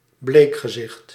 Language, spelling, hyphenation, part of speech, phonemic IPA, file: Dutch, bleekgezicht, bleek‧ge‧zicht, noun, /ˈbleːk.xəˌzɪxt/, Nl-bleekgezicht.ogg
- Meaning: paleface, an ethnic European as opposed to a native redskin (typically used in fiction as a stereotypical native American idiom)